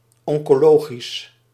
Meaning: oncological
- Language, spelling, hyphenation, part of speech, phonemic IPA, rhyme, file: Dutch, oncologisch, on‧co‧lo‧gisch, adjective, /ˌɔŋ.koːˈloː.ɣis/, -oːɣis, Nl-oncologisch.ogg